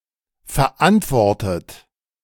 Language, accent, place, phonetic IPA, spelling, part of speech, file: German, Germany, Berlin, [fɛɐ̯ˈʔantvɔʁtət], verantwortet, verb, De-verantwortet.ogg
- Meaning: past participle of verantworten